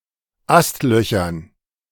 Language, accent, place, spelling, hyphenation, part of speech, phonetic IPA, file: German, Germany, Berlin, Astlöchern, Ast‧lö‧chern, noun, [ˈastˌlœçɐn], De-Astlöchern.ogg
- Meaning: dative plural of Astloch